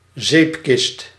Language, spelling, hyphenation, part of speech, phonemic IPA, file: Dutch, zeepkist, zeep‧kist, noun, /ˈzeːp.kɪst/, Nl-zeepkist.ogg
- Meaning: 1. a soap box 2. a soapbox car